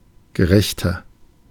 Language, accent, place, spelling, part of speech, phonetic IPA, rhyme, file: German, Germany, Berlin, gerechter, adjective, [ɡəˈʁɛçtɐ], -ɛçtɐ, De-gerechter.ogg
- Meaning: 1. comparative degree of gerecht 2. inflection of gerecht: strong/mixed nominative masculine singular 3. inflection of gerecht: strong genitive/dative feminine singular